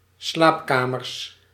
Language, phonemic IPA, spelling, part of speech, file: Dutch, /ˈslapkamərs/, slaapkamers, noun, Nl-slaapkamers.ogg
- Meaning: plural of slaapkamer